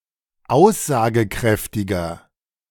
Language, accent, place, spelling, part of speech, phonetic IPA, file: German, Germany, Berlin, aussagekräftiger, adjective, [ˈaʊ̯szaːɡəˌkʁɛftɪɡɐ], De-aussagekräftiger.ogg
- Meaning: 1. comparative degree of aussagekräftig 2. inflection of aussagekräftig: strong/mixed nominative masculine singular 3. inflection of aussagekräftig: strong genitive/dative feminine singular